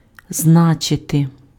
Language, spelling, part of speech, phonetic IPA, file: Ukrainian, значити, verb, [ˈznat͡ʃete], Uk-значити.ogg
- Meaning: 1. to mean, to signify 2. to mean, to be of importance, to matter